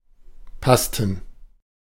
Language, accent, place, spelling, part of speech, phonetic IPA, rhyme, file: German, Germany, Berlin, Pasten, noun, [ˈpastn̩], -astn̩, De-Pasten.ogg
- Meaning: plural of Paste